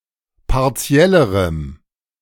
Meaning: strong dative masculine/neuter singular comparative degree of partiell
- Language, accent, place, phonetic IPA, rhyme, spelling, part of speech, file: German, Germany, Berlin, [paʁˈt͡si̯ɛləʁəm], -ɛləʁəm, partiellerem, adjective, De-partiellerem.ogg